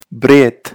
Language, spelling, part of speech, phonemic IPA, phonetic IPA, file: Pashto, برېت, noun, /bret/, [bɾet̪], برېت-کندوز.ogg
- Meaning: moustache